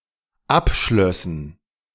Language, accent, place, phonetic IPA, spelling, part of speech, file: German, Germany, Berlin, [ˈapˌʃlœsn̩], abschlössen, verb, De-abschlössen.ogg
- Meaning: first/third-person plural dependent subjunctive II of abschließen